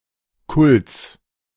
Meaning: genitive singular of Kult
- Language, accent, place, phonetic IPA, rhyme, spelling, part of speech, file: German, Germany, Berlin, [kʊlt͡s], -ʊlt͡s, Kults, noun, De-Kults.ogg